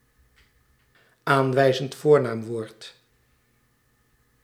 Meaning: demonstrative pronoun
- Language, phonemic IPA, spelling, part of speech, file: Dutch, /ˌaːnˌʋɛi̯.zənt ˈvoːr.naːm.ʋoːrt/, aanwijzend voornaamwoord, noun, Nl-aanwijzend voornaamwoord.ogg